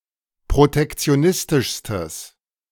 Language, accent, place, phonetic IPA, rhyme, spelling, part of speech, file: German, Germany, Berlin, [pʁotɛkt͡si̯oˈnɪstɪʃstəs], -ɪstɪʃstəs, protektionistischstes, adjective, De-protektionistischstes.ogg
- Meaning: strong/mixed nominative/accusative neuter singular superlative degree of protektionistisch